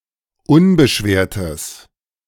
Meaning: strong/mixed nominative/accusative neuter singular of unbeschwert
- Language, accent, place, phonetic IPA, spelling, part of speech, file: German, Germany, Berlin, [ˈʊnbəˌʃveːɐ̯təs], unbeschwertes, adjective, De-unbeschwertes.ogg